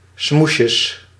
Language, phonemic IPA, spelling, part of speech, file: Dutch, /ˈsmuʃəs/, smoesjes, noun, Nl-smoesjes.ogg
- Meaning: plural of smoesje